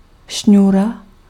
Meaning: cord
- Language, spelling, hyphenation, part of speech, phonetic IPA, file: Czech, šňůra, šňů‧ra, noun, [ˈʃɲuːra], Cs-šňůra.ogg